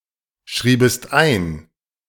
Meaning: second-person singular subjunctive II of einschreiben
- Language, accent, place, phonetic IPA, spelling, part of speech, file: German, Germany, Berlin, [ˌʃʁiːbəst ˈaɪ̯n], schriebest ein, verb, De-schriebest ein.ogg